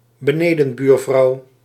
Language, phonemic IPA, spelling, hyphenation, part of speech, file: Dutch, /bəˈneː.də(n)ˌbyːr.vrɑu̯/, benedenbuurvrouw, be‧ne‧den‧buur‧vrouw, noun, Nl-benedenbuurvrouw.ogg
- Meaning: female downstairs neighbour